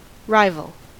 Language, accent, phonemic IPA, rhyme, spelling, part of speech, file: English, US, /ˈɹaɪvəl/, -aɪvəl, rival, noun / adjective / verb, En-us-rival.ogg
- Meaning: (noun) A competitor (person, team, company, etc.) with the same goal as another, or striving to attain the same thing. Defeating a rival may be a primary or necessary goal of a competitor